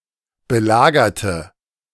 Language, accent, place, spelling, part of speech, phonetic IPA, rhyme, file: German, Germany, Berlin, belagerte, adjective / verb, [bəˈlaːɡɐtə], -aːɡɐtə, De-belagerte.ogg
- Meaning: inflection of belagern: 1. first/third-person singular preterite 2. first/third-person singular subjunctive II